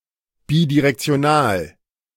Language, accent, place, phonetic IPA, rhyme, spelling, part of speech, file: German, Germany, Berlin, [ˌbidiʁɛkt͡si̯oˈnaːl], -aːl, bidirektional, adjective, De-bidirektional.ogg
- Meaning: bidirectional